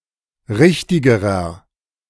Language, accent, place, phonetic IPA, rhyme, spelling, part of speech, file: German, Germany, Berlin, [ˈʁɪçtɪɡəʁɐ], -ɪçtɪɡəʁɐ, richtigerer, adjective, De-richtigerer.ogg
- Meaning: inflection of richtig: 1. strong/mixed nominative masculine singular comparative degree 2. strong genitive/dative feminine singular comparative degree 3. strong genitive plural comparative degree